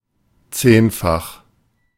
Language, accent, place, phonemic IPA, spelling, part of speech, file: German, Germany, Berlin, /ˈt͡seːnfax/, zehnfach, adjective, De-zehnfach.ogg
- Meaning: tenfold